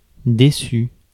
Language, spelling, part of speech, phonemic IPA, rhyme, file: French, déçu, adjective / verb, /de.sy/, -y, Fr-déçu.ogg
- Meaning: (adjective) disappointed; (verb) past participle of décevoir